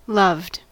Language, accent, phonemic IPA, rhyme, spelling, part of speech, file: English, US, /lʌvd/, -ʌvd, loved, verb / adjective, En-us-loved.ogg
- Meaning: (verb) simple past and past participle of love; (adjective) Being the object of love